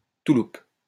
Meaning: sheepskin (worn as a coat)
- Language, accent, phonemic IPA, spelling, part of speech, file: French, France, /tu.lup/, touloupe, noun, LL-Q150 (fra)-touloupe.wav